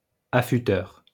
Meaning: sharpener (person)
- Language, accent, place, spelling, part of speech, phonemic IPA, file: French, France, Lyon, affûteur, noun, /a.fy.tœʁ/, LL-Q150 (fra)-affûteur.wav